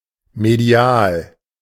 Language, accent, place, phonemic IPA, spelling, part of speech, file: German, Germany, Berlin, /medˈi̯aːl/, medial, adjective, De-medial.ogg
- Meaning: medial